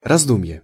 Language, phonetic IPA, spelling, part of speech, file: Russian, [rɐzˈdum⁽ʲ⁾je], раздумье, noun, Ru-раздумье.ogg
- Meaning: 1. meditation, thought, reflection, reflexion 2. afterthought, recollection